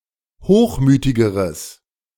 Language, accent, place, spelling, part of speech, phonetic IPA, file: German, Germany, Berlin, hochmütigeres, adjective, [ˈhoːxˌmyːtɪɡəʁəs], De-hochmütigeres.ogg
- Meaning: strong/mixed nominative/accusative neuter singular comparative degree of hochmütig